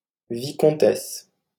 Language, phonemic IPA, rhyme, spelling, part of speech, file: French, /vi.kɔ̃.tɛs/, -ɛs, vicomtesse, noun, LL-Q150 (fra)-vicomtesse.wav
- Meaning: viscountess